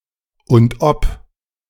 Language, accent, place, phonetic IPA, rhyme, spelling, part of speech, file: German, Germany, Berlin, [ʊnt ˈʔɔp], -ɔp, und ob, phrase, De-und ob.ogg
- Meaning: you bet, and how